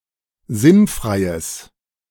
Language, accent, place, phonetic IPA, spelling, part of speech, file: German, Germany, Berlin, [ˈzɪnˌfʁaɪ̯əs], sinnfreies, adjective, De-sinnfreies.ogg
- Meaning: strong/mixed nominative/accusative neuter singular of sinnfrei